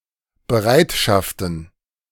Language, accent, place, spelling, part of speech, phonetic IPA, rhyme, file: German, Germany, Berlin, Bereitschaften, noun, [bəˈʁaɪ̯tʃaftn̩], -aɪ̯tʃaftn̩, De-Bereitschaften.ogg
- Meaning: plural of Bereitschaft